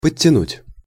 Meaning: 1. to pull (to), to pull up (to), to haul up (to) 2. to bring up, to move closer up (of troops, etc.) 3. to tighten 4. to tuck in 5. to pull up (improve something to a better standard)
- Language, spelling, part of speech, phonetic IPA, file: Russian, подтянуть, verb, [pətʲːɪˈnutʲ], Ru-подтянуть.ogg